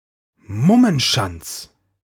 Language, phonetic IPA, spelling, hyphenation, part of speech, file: German, [ˈmʊmənˌʃant͡s], Mummenschanz, Mum‧men‧schanz, noun, De-Mummenschanz.ogg
- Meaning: masquerade, mummery